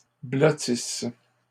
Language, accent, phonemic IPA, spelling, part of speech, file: French, Canada, /blɔ.tis/, blottisse, verb, LL-Q150 (fra)-blottisse.wav
- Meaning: inflection of blottir: 1. first/third-person singular present subjunctive 2. first-person singular imperfect subjunctive